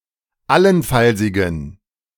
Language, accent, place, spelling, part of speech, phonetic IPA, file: German, Germany, Berlin, allenfallsigen, adjective, [ˈalənˌfalzɪɡn̩], De-allenfallsigen.ogg
- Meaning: inflection of allenfallsig: 1. strong genitive masculine/neuter singular 2. weak/mixed genitive/dative all-gender singular 3. strong/weak/mixed accusative masculine singular 4. strong dative plural